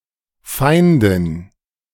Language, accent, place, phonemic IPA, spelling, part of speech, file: German, Germany, Berlin, /ˈfaɪ̯ndɪn/, Feindin, noun, De-Feindin.ogg
- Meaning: feminine equivalent of Feind m (“enemy”)